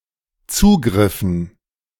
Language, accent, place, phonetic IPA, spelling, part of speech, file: German, Germany, Berlin, [ˈt͡suːɡʁɪfn̩], Zugriffen, noun, De-Zugriffen.ogg
- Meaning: dative plural of Zugriff